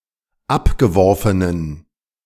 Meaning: inflection of abgeworfen: 1. strong genitive masculine/neuter singular 2. weak/mixed genitive/dative all-gender singular 3. strong/weak/mixed accusative masculine singular 4. strong dative plural
- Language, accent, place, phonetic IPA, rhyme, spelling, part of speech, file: German, Germany, Berlin, [ˈapɡəˌvɔʁfənən], -apɡəvɔʁfənən, abgeworfenen, adjective, De-abgeworfenen.ogg